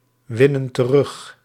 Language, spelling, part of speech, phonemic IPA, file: Dutch, winnen terug, verb, /ˈwɪnə(n) t(ə)ˈrʏx/, Nl-winnen terug.ogg
- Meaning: inflection of terugwinnen: 1. plural present indicative 2. plural present subjunctive